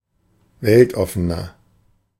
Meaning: 1. comparative degree of weltoffen 2. inflection of weltoffen: strong/mixed nominative masculine singular 3. inflection of weltoffen: strong genitive/dative feminine singular
- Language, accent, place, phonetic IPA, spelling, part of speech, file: German, Germany, Berlin, [ˈvɛltˌɔfənɐ], weltoffener, adjective, De-weltoffener.ogg